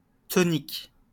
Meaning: 1. drink made up mainly of cinchona 2. tonic water
- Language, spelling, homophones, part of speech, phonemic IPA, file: French, tonic, tonics / tonique / toniques, noun, /tɔ.nik/, LL-Q150 (fra)-tonic.wav